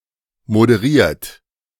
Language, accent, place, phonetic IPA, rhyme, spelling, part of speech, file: German, Germany, Berlin, [modəˈʁiːɐ̯t], -iːɐ̯t, moderiert, verb, De-moderiert.ogg
- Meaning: 1. past participle of moderieren 2. inflection of moderieren: third-person singular present 3. inflection of moderieren: second-person plural present 4. inflection of moderieren: plural imperative